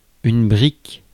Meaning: 1. brick (hardened block used for building) 2. carton box (food packaging) 3. doorstop (thick, massive book, large book) 4. ten thousand French francs (one million old francs, ~1524 euros)
- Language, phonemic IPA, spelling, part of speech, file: French, /bʁik/, brique, noun, Fr-brique.ogg